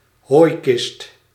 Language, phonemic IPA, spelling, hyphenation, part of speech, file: Dutch, /ˈɦoːi̯.kɪst/, hooikist, hooi‧kist, noun, Nl-hooikist.ogg
- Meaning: haybox, insulation cooker (insulated chest used as cooking device)